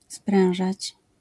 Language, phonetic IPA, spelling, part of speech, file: Polish, [ˈsprɛ̃w̃ʒat͡ɕ], sprężać, verb, LL-Q809 (pol)-sprężać.wav